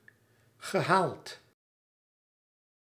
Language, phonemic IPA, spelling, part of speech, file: Dutch, /ɣəˈhaɫt/, gehaald, verb, Nl-gehaald.ogg
- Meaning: past participle of halen